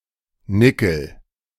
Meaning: 1. nickel (a silvery elemental metal with an atomic number of 28 and symbol Ni) 2. A coin of ten pfennigs
- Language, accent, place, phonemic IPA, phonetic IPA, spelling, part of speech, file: German, Germany, Berlin, /ˈnɪkəl/, [ˈnɪkl̩], Nickel, noun, De-Nickel.ogg